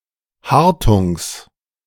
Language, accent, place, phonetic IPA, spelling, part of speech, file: German, Germany, Berlin, [ˈhaʁtʊŋs], Hartungs, noun, De-Hartungs.ogg
- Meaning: genitive singular of Hartung